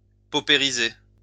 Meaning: to pauperize
- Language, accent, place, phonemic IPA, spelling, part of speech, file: French, France, Lyon, /po.pe.ʁi.ze/, paupériser, verb, LL-Q150 (fra)-paupériser.wav